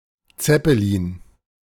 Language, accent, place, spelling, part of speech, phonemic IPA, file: German, Germany, Berlin, Zeppelin, noun, /ˈt͡sɛpəliːn/, De-Zeppelin.ogg
- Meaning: 1. rigid airship, Zeppelin 2. any airship